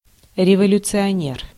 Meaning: revolutionary, revolutionist
- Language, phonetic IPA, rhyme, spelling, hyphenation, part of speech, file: Russian, [rʲɪvəlʲʊt͡sɨɐˈnʲer], -er, революционер, ре‧во‧лю‧цио‧нер, noun, Ru-революционер.ogg